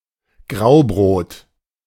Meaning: greyish sourdough bread made of a mixture of wheat and rye flour (the most common kind of bread throughout Central Europe)
- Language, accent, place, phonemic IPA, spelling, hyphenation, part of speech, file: German, Germany, Berlin, /ˈɡʁaʊ̯ˌbʁoːt/, Graubrot, Grau‧brot, noun, De-Graubrot.ogg